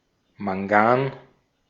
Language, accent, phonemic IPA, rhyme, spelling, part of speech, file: German, Austria, /maŋˈɡaːn/, -aːn, Mangan, noun, De-at-Mangan.ogg
- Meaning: manganese